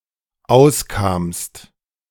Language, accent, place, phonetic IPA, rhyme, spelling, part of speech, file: German, Germany, Berlin, [ˈaʊ̯sˌkaːmst], -aʊ̯skaːmst, auskamst, verb, De-auskamst.ogg
- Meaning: second-person singular dependent preterite of auskommen